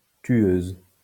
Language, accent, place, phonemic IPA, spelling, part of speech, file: French, France, Lyon, /tɥøz/, tueuse, noun, LL-Q150 (fra)-tueuse.wav
- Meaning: female equivalent of tueur